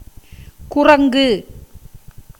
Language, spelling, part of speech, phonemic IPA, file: Tamil, குறங்கு, noun, /kʊrɐŋɡɯ/, Ta-குறங்கு.ogg
- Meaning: 1. thigh 2. branch channel 3. clasp, catch, link